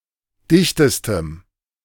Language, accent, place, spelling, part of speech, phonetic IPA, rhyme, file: German, Germany, Berlin, dichtestem, adjective, [ˈdɪçtəstəm], -ɪçtəstəm, De-dichtestem.ogg
- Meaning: strong dative masculine/neuter singular superlative degree of dicht